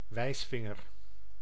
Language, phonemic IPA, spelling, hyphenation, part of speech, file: Dutch, /ˈʋɛi̯sˌfɪ.ŋər/, wijsvinger, wijs‧vin‧ger, noun, Nl-wijsvinger.ogg
- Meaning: forefinger, index finger